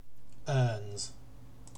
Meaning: third-person singular simple present indicative of earn
- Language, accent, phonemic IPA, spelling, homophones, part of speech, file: English, UK, /ɜːnz/, earns, erns / ernes / urns, verb, En-uk-earns.ogg